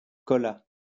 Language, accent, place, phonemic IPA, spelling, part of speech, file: French, France, Lyon, /kɔ.la/, cola, noun, LL-Q150 (fra)-cola.wav
- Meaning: cola (drink)